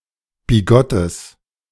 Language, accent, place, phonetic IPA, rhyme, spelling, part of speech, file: German, Germany, Berlin, [biˈɡɔtəs], -ɔtəs, bigottes, adjective, De-bigottes.ogg
- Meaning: strong/mixed nominative/accusative neuter singular of bigott